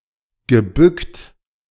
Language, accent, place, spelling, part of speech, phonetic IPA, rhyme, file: German, Germany, Berlin, gebückt, verb, [ɡəˈbʏkt], -ʏkt, De-gebückt.ogg
- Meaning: past participle of bücken